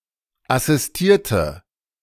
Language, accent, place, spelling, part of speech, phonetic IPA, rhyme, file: German, Germany, Berlin, assistierte, adjective / verb, [asɪsˈtiːɐ̯tə], -iːɐ̯tə, De-assistierte.ogg
- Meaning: inflection of assistieren: 1. first/third-person singular preterite 2. first/third-person singular subjunctive II